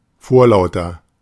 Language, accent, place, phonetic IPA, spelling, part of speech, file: German, Germany, Berlin, [ˈfoːɐ̯ˌlaʊ̯tɐ], vorlauter, adjective, De-vorlauter.ogg
- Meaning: 1. comparative degree of vorlaut 2. inflection of vorlaut: strong/mixed nominative masculine singular 3. inflection of vorlaut: strong genitive/dative feminine singular